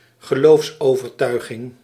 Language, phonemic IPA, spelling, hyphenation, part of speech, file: Dutch, /ɣəˈloːfs.oː.vərˌtœy̯.ɣɪŋ/, geloofsovertuiging, ge‧loofs‧over‧tui‧ging, noun, Nl-geloofsovertuiging.ogg
- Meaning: religious conviction, religious opinion